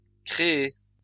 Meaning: feminine singular of créé
- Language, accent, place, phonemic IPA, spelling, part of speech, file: French, France, Lyon, /kʁe.e/, créée, verb, LL-Q150 (fra)-créée.wav